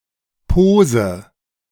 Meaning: pose
- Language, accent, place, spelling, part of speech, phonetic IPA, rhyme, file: German, Germany, Berlin, Pose, noun, [ˈpoːzə], -oːzə, De-Pose.ogg